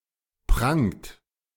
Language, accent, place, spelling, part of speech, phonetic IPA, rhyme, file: German, Germany, Berlin, prangt, verb, [pʁaŋt], -aŋt, De-prangt.ogg
- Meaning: inflection of prangen: 1. second-person plural present 2. third-person singular present 3. plural imperative